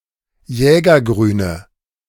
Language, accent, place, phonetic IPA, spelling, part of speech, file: German, Germany, Berlin, [ˈjɛːɡɐˌɡʁyːnə], jägergrüne, adjective, De-jägergrüne.ogg
- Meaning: inflection of jägergrün: 1. strong/mixed nominative/accusative feminine singular 2. strong nominative/accusative plural 3. weak nominative all-gender singular